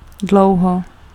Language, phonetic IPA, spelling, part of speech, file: Czech, [ˈdlou̯ɦo], dlouho, adverb, Cs-dlouho.ogg
- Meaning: 1. long, a long time 2. long, a particular amount of time (determined in the sentence)